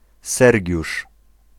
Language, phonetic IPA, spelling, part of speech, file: Polish, [ˈsɛrʲɟuʃ], Sergiusz, proper noun, Pl-Sergiusz.ogg